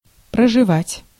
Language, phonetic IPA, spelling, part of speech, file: Russian, [prəʐɨˈvatʲ], проживать, verb, Ru-проживать.ogg
- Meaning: 1. to live, to reside, to dwell 2. to spend, to run through